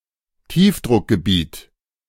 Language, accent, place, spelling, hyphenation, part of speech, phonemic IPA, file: German, Germany, Berlin, Tiefdruckgebiet, Tief‧druck‧ge‧biet, noun, /ˈtiːfdʁʊkɡəˌbiːt/, De-Tiefdruckgebiet.ogg
- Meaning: low pressure area